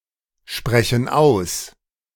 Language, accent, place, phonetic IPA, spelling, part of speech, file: German, Germany, Berlin, [ˌʃpʁɛçn̩ ˈaʊ̯s], sprechen aus, verb, De-sprechen aus.ogg
- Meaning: inflection of aussprechen: 1. first/third-person plural present 2. first/third-person plural subjunctive I